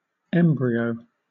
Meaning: In the reproductive cycle, the stage after the fertilization of the egg that precedes the development into a fetus
- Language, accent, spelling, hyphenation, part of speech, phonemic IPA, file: English, Southern England, embryo, em‧bryo, noun, /ˈɛmbɹi.əʊ/, LL-Q1860 (eng)-embryo.wav